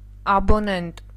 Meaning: subscriber
- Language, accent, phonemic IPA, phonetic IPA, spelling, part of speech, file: Armenian, Eastern Armenian, /ɑboˈnent/, [ɑbonént], աբոնենտ, noun, Hy-աբոնենտ.ogg